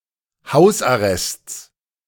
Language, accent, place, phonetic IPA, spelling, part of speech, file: German, Germany, Berlin, [ˈhaʊ̯sʔaˌʁɛst͡s], Hausarrests, noun, De-Hausarrests.ogg
- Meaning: genitive singular of Hausarrest